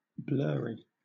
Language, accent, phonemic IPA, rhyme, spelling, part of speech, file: English, Southern England, /ˈblɜːɹi/, -ɜːɹi, blurry, adjective, LL-Q1860 (eng)-blurry.wav
- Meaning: 1. Not clear, crisp, or focused; having fuzzy edges 2. Not clear; lacking well-defined boundaries